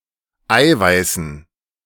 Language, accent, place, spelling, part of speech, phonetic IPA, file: German, Germany, Berlin, Eiweißen, noun, [ˈaɪ̯vaɪ̯sn̩], De-Eiweißen.ogg
- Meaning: dative plural of Eiweiß